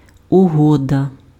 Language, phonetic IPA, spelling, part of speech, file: Ukrainian, [ʊˈɦɔdɐ], угода, noun, Uk-угода.ogg
- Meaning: 1. agreement, covenant 2. compact 3. understanding, agreement